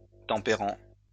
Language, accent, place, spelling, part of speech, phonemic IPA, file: French, France, Lyon, tempérant, verb / adjective, /tɑ̃.pe.ʁɑ̃/, LL-Q150 (fra)-tempérant.wav
- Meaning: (verb) present participle of tempérer; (adjective) temperant, temperate, moderate